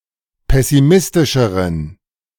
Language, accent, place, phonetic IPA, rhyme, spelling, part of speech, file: German, Germany, Berlin, [ˌpɛsiˈmɪstɪʃəʁən], -ɪstɪʃəʁən, pessimistischeren, adjective, De-pessimistischeren.ogg
- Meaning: inflection of pessimistisch: 1. strong genitive masculine/neuter singular comparative degree 2. weak/mixed genitive/dative all-gender singular comparative degree